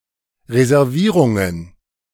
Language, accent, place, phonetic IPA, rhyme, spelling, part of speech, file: German, Germany, Berlin, [ʁezɛʁˈviːʁʊŋən], -iːʁʊŋən, Reservierungen, noun, De-Reservierungen.ogg
- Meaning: plural of Reservierung